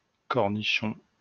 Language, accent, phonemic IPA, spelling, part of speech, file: French, France, /kɔʁ.ni.ʃɔ̃/, cornichon, noun, LL-Q150 (fra)-cornichon.wav
- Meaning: 1. gherkin 2. pickle (“pickled cucumber”) 3. nitwit, dummy